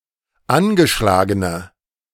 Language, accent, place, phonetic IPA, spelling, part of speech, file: German, Germany, Berlin, [ˈanɡəˌʃlaːɡənə], angeschlagene, adjective, De-angeschlagene.ogg
- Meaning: inflection of angeschlagen: 1. strong/mixed nominative/accusative feminine singular 2. strong nominative/accusative plural 3. weak nominative all-gender singular